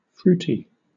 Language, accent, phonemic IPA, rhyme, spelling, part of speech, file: English, Southern England, /ˈfɹuːti/, -uːti, fruity, adjective / noun, LL-Q1860 (eng)-fruity.wav
- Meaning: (adjective) 1. Containing fruit or fruit flavoring 2. Similar to fruit or tasting of fruit 3. Crazy 4. Homosexual; zesty, flamboyant, effeminate 5. Sexually suggestive